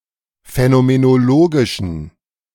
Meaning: inflection of phänomenologisch: 1. strong genitive masculine/neuter singular 2. weak/mixed genitive/dative all-gender singular 3. strong/weak/mixed accusative masculine singular
- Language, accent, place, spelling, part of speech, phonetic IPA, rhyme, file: German, Germany, Berlin, phänomenologischen, adjective, [fɛnomenoˈloːɡɪʃn̩], -oːɡɪʃn̩, De-phänomenologischen.ogg